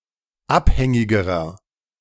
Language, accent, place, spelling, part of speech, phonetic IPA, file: German, Germany, Berlin, abhängigerer, adjective, [ˈapˌhɛŋɪɡəʁɐ], De-abhängigerer.ogg
- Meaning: inflection of abhängig: 1. strong/mixed nominative masculine singular comparative degree 2. strong genitive/dative feminine singular comparative degree 3. strong genitive plural comparative degree